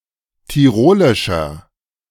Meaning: 1. comparative degree of tirolisch 2. inflection of tirolisch: strong/mixed nominative masculine singular 3. inflection of tirolisch: strong genitive/dative feminine singular
- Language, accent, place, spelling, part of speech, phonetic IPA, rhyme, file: German, Germany, Berlin, tirolischer, adjective, [tiˈʁoːlɪʃɐ], -oːlɪʃɐ, De-tirolischer.ogg